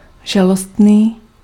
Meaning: pitiable, sorry, pathetic
- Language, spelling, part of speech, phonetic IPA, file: Czech, žalostný, adjective, [ˈʒalostniː], Cs-žalostný.ogg